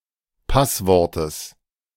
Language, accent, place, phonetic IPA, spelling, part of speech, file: German, Germany, Berlin, [ˈpasˌvɔʁtəs], Passwortes, noun, De-Passwortes.ogg
- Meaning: genitive singular of Passwort